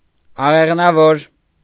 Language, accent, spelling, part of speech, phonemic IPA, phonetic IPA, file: Armenian, Eastern Armenian, աղեղնավոր, noun, /ɑʁeʁnɑˈvoɾ/, [ɑʁeʁnɑvóɾ], Hy-աղեղնավոր.ogg
- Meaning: bowman, archer